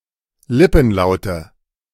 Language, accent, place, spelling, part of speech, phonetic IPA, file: German, Germany, Berlin, Lippenlaute, noun, [ˈlɪpn̩ˌlaʊ̯tə], De-Lippenlaute.ogg
- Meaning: nominative/accusative/genitive plural of Lippenlaut